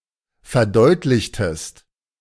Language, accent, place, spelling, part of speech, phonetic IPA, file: German, Germany, Berlin, verdeutlichtest, verb, [fɛɐ̯ˈdɔɪ̯tlɪçtəst], De-verdeutlichtest.ogg
- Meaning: inflection of verdeutlichen: 1. second-person singular preterite 2. second-person singular subjunctive II